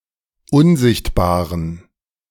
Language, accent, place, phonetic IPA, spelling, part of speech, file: German, Germany, Berlin, [ˈʊnˌzɪçtbaːʁən], unsichtbaren, adjective, De-unsichtbaren.ogg
- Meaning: inflection of unsichtbar: 1. strong genitive masculine/neuter singular 2. weak/mixed genitive/dative all-gender singular 3. strong/weak/mixed accusative masculine singular 4. strong dative plural